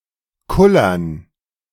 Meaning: plural of Kuller
- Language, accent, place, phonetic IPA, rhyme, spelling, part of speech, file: German, Germany, Berlin, [ˈkʊlɐn], -ʊlɐn, Kullern, noun, De-Kullern.ogg